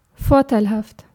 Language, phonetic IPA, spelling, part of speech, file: German, [ˈfɔɐ̯tʰaɪ̯lˌhaftʰ], vorteilhaft, adjective, De-vorteilhaft.ogg
- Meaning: advantageous, favorable, beneficial